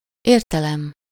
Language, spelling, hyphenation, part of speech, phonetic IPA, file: Hungarian, értelem, ér‧te‧lem, noun, [ˈeːrtɛlɛm], Hu-értelem.ogg
- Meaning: 1. intelligence, intellect 2. meaning, sense 3. point (a purpose or objective, which makes something meaningful)